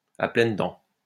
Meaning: 1. voraciously 2. readily, enthusiastically, to the full, with both hands
- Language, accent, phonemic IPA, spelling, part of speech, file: French, France, /a plɛn dɑ̃/, à pleines dents, adverb, LL-Q150 (fra)-à pleines dents.wav